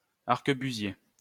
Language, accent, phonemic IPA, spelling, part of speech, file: French, France, /aʁ.kə.by.zje/, arquebusier, noun, LL-Q150 (fra)-arquebusier.wav
- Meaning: arquebusier